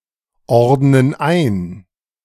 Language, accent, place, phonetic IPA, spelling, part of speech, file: German, Germany, Berlin, [ˌɔʁdnən ˈaɪ̯n], ordnen ein, verb, De-ordnen ein.ogg
- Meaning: inflection of einordnen: 1. first/third-person plural present 2. first/third-person plural subjunctive I